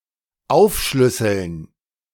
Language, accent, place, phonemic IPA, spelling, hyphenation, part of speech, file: German, Germany, Berlin, /ˈaʊ̯fˌʃlʏsl̩n/, aufschlüsseln, auf‧schlüs‧seln, verb, De-aufschlüsseln.ogg
- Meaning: to break down, to itemize